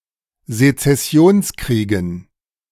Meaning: dative plural of Sezessionskrieg
- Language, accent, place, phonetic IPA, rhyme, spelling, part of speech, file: German, Germany, Berlin, [zet͡sɛˈsi̯oːnsˌkʁiːɡn̩], -oːnskʁiːɡn̩, Sezessionskriegen, noun, De-Sezessionskriegen.ogg